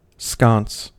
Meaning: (noun) A fixture for a light, which holds it and provides a screen against wind or against a naked flame or lightbulb
- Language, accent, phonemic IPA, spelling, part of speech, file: English, US, /skɑns/, sconce, noun / verb, En-us-sconce.ogg